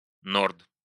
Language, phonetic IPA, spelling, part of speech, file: Russian, [nort], норд, noun, Ru-норд.ogg
- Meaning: 1. north 2. norther (north wind)